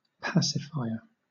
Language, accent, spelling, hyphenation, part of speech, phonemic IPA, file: English, Southern England, pacifier, pa‧ci‧fi‧er, noun, /ˈpæsɪfaɪə/, LL-Q1860 (eng)-pacifier.wav
- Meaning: 1. Someone or something that pacifies 2. A rubber or plastic device imitating a nipple that goes into a baby’s mouth, used to calm and quiet the baby